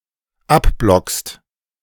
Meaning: second-person singular dependent present of abblocken
- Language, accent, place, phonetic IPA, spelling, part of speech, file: German, Germany, Berlin, [ˈapˌblɔkst], abblockst, verb, De-abblockst.ogg